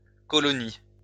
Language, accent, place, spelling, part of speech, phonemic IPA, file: French, France, Lyon, colonies, noun, /kɔ.lɔ.ni/, LL-Q150 (fra)-colonies.wav
- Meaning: plural of colonie